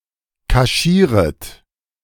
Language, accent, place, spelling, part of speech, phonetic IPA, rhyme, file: German, Germany, Berlin, kaschieret, verb, [kaˈʃiːʁət], -iːʁət, De-kaschieret.ogg
- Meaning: second-person plural subjunctive I of kaschieren